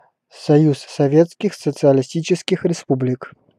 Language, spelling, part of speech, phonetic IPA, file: Russian, Союз Советских Социалистических Республик, proper noun, [sɐˈjus sɐˈvʲet͡skʲɪx sət͡sɨəlʲɪˈsʲtʲit͡ɕɪskʲɪx rʲɪˈspublʲɪk], Ru-Союз Советских Социалистических Республик.ogg